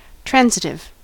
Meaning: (adjective) 1. Making a transit or passage 2. Affected by transference of signification 3. Taking a direct object or objects
- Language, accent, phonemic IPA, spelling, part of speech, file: English, US, /ˈtɹænzɪtɪv/, transitive, adjective / noun, En-us-transitive.ogg